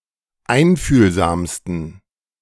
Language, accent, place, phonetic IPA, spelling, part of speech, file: German, Germany, Berlin, [ˈaɪ̯nfyːlzaːmstn̩], einfühlsamsten, adjective, De-einfühlsamsten.ogg
- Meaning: 1. superlative degree of einfühlsam 2. inflection of einfühlsam: strong genitive masculine/neuter singular superlative degree